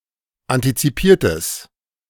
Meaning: strong/mixed nominative/accusative neuter singular of antizipiert
- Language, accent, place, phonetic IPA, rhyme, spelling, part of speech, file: German, Germany, Berlin, [ˌantit͡siˈpiːɐ̯təs], -iːɐ̯təs, antizipiertes, adjective, De-antizipiertes.ogg